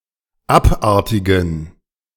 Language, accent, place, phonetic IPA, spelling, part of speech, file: German, Germany, Berlin, [ˈapˌʔaʁtɪɡn̩], abartigen, adjective, De-abartigen.ogg
- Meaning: inflection of abartig: 1. strong genitive masculine/neuter singular 2. weak/mixed genitive/dative all-gender singular 3. strong/weak/mixed accusative masculine singular 4. strong dative plural